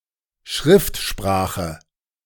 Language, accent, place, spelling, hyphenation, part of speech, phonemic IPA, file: German, Germany, Berlin, Schriftsprache, Schrift‧spra‧che, noun, /ˈʃʁɪftˌʃpʁaːxə/, De-Schriftsprache.ogg
- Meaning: 1. written language 2. standard language